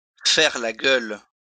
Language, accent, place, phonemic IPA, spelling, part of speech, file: French, France, Lyon, /fɛʁ la ɡœl/, faire la gueule, verb, LL-Q150 (fra)-faire la gueule.wav
- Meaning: to sulk, to pout, to be in a huff